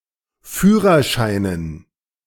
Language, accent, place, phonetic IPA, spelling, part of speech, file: German, Germany, Berlin, [ˈfyːʁɐˌʃaɪ̯nən], Führerscheinen, noun, De-Führerscheinen.ogg
- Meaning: dative plural of Führerschein